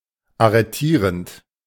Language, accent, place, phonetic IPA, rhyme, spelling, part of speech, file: German, Germany, Berlin, [aʁəˈtiːʁənt], -iːʁənt, arretierend, verb, De-arretierend.ogg
- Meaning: present participle of arretieren